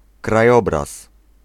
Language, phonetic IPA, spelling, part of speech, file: Polish, [kraˈjɔbras], krajobraz, noun, Pl-krajobraz.ogg